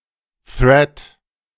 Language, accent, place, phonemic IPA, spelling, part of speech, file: German, Germany, Berlin, /θrɛt/, Thread, noun, De-Thread.ogg
- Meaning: 1. thread (series of messages) 2. thread (unit of execution)